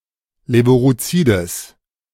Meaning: strong/mixed nominative/accusative neuter singular of levurozid
- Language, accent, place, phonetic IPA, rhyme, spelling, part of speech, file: German, Germany, Berlin, [ˌleːvuʁoˈt͡siːdəs], -iːdəs, levurozides, adjective, De-levurozides.ogg